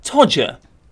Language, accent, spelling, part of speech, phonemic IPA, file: English, UK, todger, noun, /ˈtɒd͡ʒə/, En-uk-todger.ogg
- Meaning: A penis